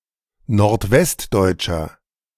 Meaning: inflection of nordwestdeutsch: 1. strong/mixed nominative masculine singular 2. strong genitive/dative feminine singular 3. strong genitive plural
- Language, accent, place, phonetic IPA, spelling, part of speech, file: German, Germany, Berlin, [noʁtˈvɛstˌdɔɪ̯t͡ʃɐ], nordwestdeutscher, adjective, De-nordwestdeutscher.ogg